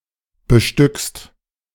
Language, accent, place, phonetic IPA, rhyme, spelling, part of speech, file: German, Germany, Berlin, [bəˈʃtʏkst], -ʏkst, bestückst, verb, De-bestückst.ogg
- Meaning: second-person singular present of bestücken